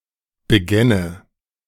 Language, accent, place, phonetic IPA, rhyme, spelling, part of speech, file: German, Germany, Berlin, [bəˈɡɛnə], -ɛnə, begänne, verb, De-begänne.ogg
- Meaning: first/third-person singular subjunctive II of beginnen